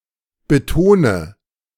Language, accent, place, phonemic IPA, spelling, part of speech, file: German, Germany, Berlin, /bəˈtoːnə/, betone, verb, De-betone.ogg
- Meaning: inflection of betonen: 1. first-person singular present 2. first/third-person singular subjunctive I 3. singular imperative